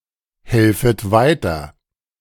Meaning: second-person plural subjunctive I of weiterhelfen
- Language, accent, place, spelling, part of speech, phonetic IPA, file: German, Germany, Berlin, helfet weiter, verb, [ˌhɛlfət ˈvaɪ̯tɐ], De-helfet weiter.ogg